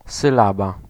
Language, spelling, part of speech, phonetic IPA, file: Polish, sylaba, noun, [sɨˈlaba], Pl-sylaba.ogg